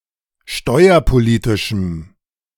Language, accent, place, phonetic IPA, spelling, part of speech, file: German, Germany, Berlin, [ˈʃtɔɪ̯ɐpoˌliːtɪʃm̩], steuerpolitischem, adjective, De-steuerpolitischem.ogg
- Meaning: strong dative masculine/neuter singular of steuerpolitisch